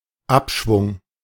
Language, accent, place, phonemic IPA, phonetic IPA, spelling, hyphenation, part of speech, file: German, Germany, Berlin, /ˈapʃvʊŋ/, [ˈʔapʃvʊŋ], Abschwung, Ab‧schwung, noun, De-Abschwung.ogg
- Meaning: downturn, downswing